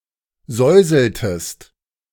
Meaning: inflection of säuseln: 1. second-person singular preterite 2. second-person singular subjunctive II
- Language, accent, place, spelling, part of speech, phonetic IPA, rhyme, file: German, Germany, Berlin, säuseltest, verb, [ˈzɔɪ̯zl̩təst], -ɔɪ̯zl̩təst, De-säuseltest.ogg